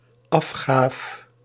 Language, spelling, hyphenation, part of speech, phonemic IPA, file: Dutch, afgaaf, af‧gaaf, noun, /ˈɑfxaːf/, Nl-afgaaf.ogg
- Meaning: dated form of afgave